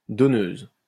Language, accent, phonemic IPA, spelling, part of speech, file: French, France, /dɔ.nøz/, donneuse, noun, LL-Q150 (fra)-donneuse.wav
- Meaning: female equivalent of donneur